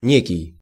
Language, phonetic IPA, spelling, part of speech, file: Russian, [ˈnʲekʲɪj], некий, pronoun, Ru-некий.ogg
- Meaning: 1. a certain, certain 2. some